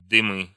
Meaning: nominative/accusative plural of дым (dym)
- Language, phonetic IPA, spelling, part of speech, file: Russian, [dɨˈmɨ], дымы, noun, Ru-дымы.ogg